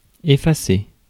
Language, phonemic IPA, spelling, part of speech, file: French, /e.fa.se/, effacer, verb, Fr-effacer.ogg
- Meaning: 1. to erase 2. to efface